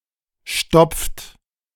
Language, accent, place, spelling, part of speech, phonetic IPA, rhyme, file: German, Germany, Berlin, stopft, verb, [ʃtɔp͡ft], -ɔp͡ft, De-stopft.ogg
- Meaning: inflection of stopfen: 1. third-person singular present 2. second-person plural present 3. plural imperative